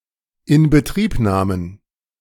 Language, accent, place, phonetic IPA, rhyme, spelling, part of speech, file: German, Germany, Berlin, [ɪnbəˈtʁiːpˌnaːmən], -iːpnaːmən, Inbetriebnahmen, noun, De-Inbetriebnahmen.ogg
- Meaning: plural of Inbetriebnahme